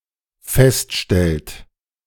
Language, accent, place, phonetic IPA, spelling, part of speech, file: German, Germany, Berlin, [ˈfɛstˌʃtɛlt], feststellt, verb, De-feststellt.ogg
- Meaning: inflection of feststellen: 1. third-person singular dependent present 2. second-person plural dependent present